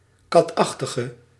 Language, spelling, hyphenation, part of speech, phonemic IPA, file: Dutch, katachtige, kat‧ach‧ti‧ge, noun / adjective, /ˈkɑtˌɑx.tə.ɣə/, Nl-katachtige.ogg
- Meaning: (noun) felid, feline; any member of the family Felidae; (adjective) inflection of katachtig: 1. masculine/feminine singular attributive 2. definite neuter singular attributive 3. plural attributive